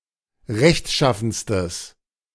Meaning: strong/mixed nominative/accusative neuter singular superlative degree of rechtschaffen
- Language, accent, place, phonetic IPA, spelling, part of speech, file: German, Germany, Berlin, [ˈʁɛçtˌʃafn̩stəs], rechtschaffenstes, adjective, De-rechtschaffenstes.ogg